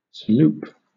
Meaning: An aromatic drink originally prepared from salep and later from sassafras bark with other ingredients such as milk and sugar added, which was once popular in London, England
- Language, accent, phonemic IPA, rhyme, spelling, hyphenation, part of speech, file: English, Southern England, /səˈluːp/, -uːp, saloop, sa‧loop, noun, LL-Q1860 (eng)-saloop.wav